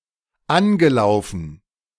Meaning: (verb) past participle of anlaufen; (adjective) 1. tarnished 2. initiated
- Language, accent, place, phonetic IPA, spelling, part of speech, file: German, Germany, Berlin, [ˈanɡəˌlaʊ̯fn̩], angelaufen, verb, De-angelaufen.ogg